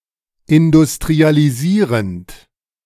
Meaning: present participle of industrialisieren
- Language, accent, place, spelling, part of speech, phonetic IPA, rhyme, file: German, Germany, Berlin, industrialisierend, verb, [ɪndʊstʁialiˈziːʁənt], -iːʁənt, De-industrialisierend.ogg